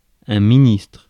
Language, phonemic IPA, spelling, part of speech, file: French, /mi.nistʁ/, ministre, noun, Fr-ministre.ogg
- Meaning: 1. minister 2. indigo bunting, a bird with taxonomic name Passerina cyanea